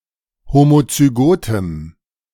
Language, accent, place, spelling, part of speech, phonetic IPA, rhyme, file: German, Germany, Berlin, homozygotem, adjective, [ˌhomot͡syˈɡoːtəm], -oːtəm, De-homozygotem.ogg
- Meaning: strong dative masculine/neuter singular of homozygot